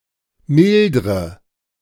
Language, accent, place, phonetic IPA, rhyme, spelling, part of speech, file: German, Germany, Berlin, [ˈmɪldʁə], -ɪldʁə, mildre, verb, De-mildre.ogg
- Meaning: inflection of mildern: 1. first-person singular present 2. first/third-person singular subjunctive I 3. singular imperative